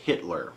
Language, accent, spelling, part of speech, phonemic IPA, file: English, US, Hitler, proper noun / noun, /ˈhɪtlɚ/, En-us-Hitler.ogg
- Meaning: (proper noun) A surname from Austrian German